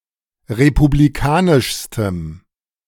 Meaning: strong dative masculine/neuter singular superlative degree of republikanisch
- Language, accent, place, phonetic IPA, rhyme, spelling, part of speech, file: German, Germany, Berlin, [ʁepubliˈkaːnɪʃstəm], -aːnɪʃstəm, republikanischstem, adjective, De-republikanischstem.ogg